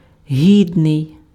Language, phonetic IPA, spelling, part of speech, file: Ukrainian, [ˈɦʲidnei̯], гідний, adjective, Uk-гідний.ogg
- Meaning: worthy, deserving